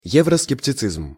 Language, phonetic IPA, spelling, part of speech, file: Russian, [ˌjevrəskʲɪptʲɪˈt͡sɨzm], евроскептицизм, noun, Ru-евроскептицизм.ogg
- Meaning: Euroscepticism